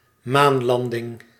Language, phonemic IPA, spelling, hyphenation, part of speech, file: Dutch, /ˈmaːnˌlɑn.dɪŋ/, maanlanding, maan‧lan‧ding, noun, Nl-maanlanding.ogg
- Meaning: moon landing